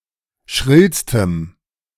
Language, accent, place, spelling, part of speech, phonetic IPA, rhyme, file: German, Germany, Berlin, schrillstem, adjective, [ˈʃʁɪlstəm], -ɪlstəm, De-schrillstem.ogg
- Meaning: strong dative masculine/neuter singular superlative degree of schrill